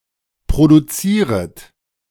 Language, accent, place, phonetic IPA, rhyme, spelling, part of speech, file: German, Germany, Berlin, [pʁoduˈt͡siːʁət], -iːʁət, produzieret, verb, De-produzieret.ogg
- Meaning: second-person plural subjunctive I of produzieren